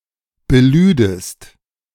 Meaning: second-person singular subjunctive II of beladen
- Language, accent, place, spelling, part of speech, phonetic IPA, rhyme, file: German, Germany, Berlin, belüdest, verb, [bəˈlyːdəst], -yːdəst, De-belüdest.ogg